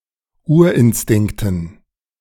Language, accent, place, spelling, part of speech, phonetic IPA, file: German, Germany, Berlin, Urinstinkten, noun, [ˈuːɐ̯ʔɪnˌstɪŋktn̩], De-Urinstinkten.ogg
- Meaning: dative plural of Urinstinkt